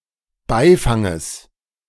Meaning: genitive singular of Beifang
- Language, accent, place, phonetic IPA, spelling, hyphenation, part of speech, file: German, Germany, Berlin, [ˈbaɪ̯faŋəs], Beifanges, Bei‧fan‧ges, noun, De-Beifanges.ogg